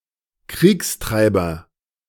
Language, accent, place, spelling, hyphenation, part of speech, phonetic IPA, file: German, Germany, Berlin, Kriegstreiber, Kriegs‧trei‧ber, noun, [ˈkʁiːksˌtʁaɪ̯bɐ], De-Kriegstreiber.ogg
- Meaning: warmonger, war hawk